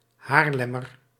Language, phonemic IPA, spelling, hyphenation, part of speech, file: Dutch, /ˈɦaːrˌlɛ.mər/, Haarlemmer, Haar‧lem‧mer, noun / adjective, Nl-Haarlemmer.ogg
- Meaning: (noun) Haarlemer; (adjective) of, from or pertaining to Haarlem